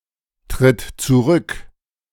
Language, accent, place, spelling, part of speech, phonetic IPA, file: German, Germany, Berlin, tritt zurück, verb, [tʁɪt t͡suˈʁʏk], De-tritt zurück.ogg
- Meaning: inflection of zurücktreten: 1. third-person singular present 2. singular imperative